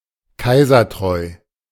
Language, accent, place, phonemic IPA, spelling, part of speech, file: German, Germany, Berlin, /ˈkaɪ̯zɐˌtʁɔɪ̯/, kaisertreu, adjective, De-kaisertreu.ogg
- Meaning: loyal to the emperor